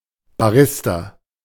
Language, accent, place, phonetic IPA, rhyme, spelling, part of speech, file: German, Germany, Berlin, [baˈʁɪsta], -ɪsta, Barista, noun, De-Barista.ogg
- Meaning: barista